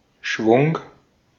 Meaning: 1. a swinging motion, sweep 2. a quantity so swept, (hence colloquial) any large amount 3. momentum, speed, force (intensity of a specific movement) 4. pep, vim, verve, dash, panache
- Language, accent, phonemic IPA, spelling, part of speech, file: German, Austria, /ʃvʊŋ/, Schwung, noun, De-at-Schwung.ogg